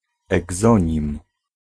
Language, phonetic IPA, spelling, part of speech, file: Polish, [ɛɡˈzɔ̃ɲĩm], egzonim, noun, Pl-egzonim.ogg